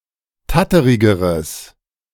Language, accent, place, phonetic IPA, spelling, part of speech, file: German, Germany, Berlin, [ˈtatəʁɪɡəʁəs], tatterigeres, adjective, De-tatterigeres.ogg
- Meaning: strong/mixed nominative/accusative neuter singular comparative degree of tatterig